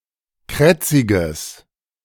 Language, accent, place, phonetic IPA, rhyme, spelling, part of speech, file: German, Germany, Berlin, [ˈkʁɛt͡sɪɡəs], -ɛt͡sɪɡəs, krätziges, adjective, De-krätziges.ogg
- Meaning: strong/mixed nominative/accusative neuter singular of krätzig